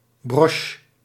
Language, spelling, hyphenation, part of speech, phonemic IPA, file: Dutch, broche, broche, noun, /brɔʃ/, Nl-broche.ogg
- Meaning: a brooch